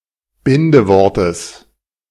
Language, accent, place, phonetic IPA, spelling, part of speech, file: German, Germany, Berlin, [ˈbɪndəˌvɔʁtəs], Bindewortes, noun, De-Bindewortes.ogg
- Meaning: genitive singular of Bindewort